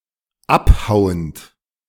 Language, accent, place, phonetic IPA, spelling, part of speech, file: German, Germany, Berlin, [ˈapˌhaʊ̯ənt], abhauend, verb, De-abhauend.ogg
- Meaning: present participle of abhauen